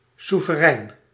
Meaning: sovereign
- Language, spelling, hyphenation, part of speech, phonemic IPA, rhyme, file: Dutch, soeverein, soe‧ve‧rein, adjective, /su.vəˈrɛi̯n/, -ɛi̯n, Nl-soeverein.ogg